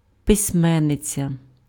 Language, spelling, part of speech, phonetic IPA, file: Ukrainian, письменниця, noun, [pesʲˈmɛnːet͡sʲɐ], Uk-письменниця.ogg
- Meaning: female equivalent of письме́нник (pysʹménnyk): writer